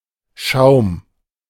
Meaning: foam, lather, froth
- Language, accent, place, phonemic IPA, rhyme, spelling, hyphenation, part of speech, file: German, Germany, Berlin, /ʃaʊ̯m/, -aʊ̯m, Schaum, Schaum, noun, De-Schaum.ogg